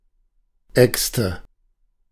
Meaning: plural of Axt "axes"
- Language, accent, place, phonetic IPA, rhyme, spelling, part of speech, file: German, Germany, Berlin, [ˈɛkstə], -ɛkstə, Äxte, noun, De-Äxte.ogg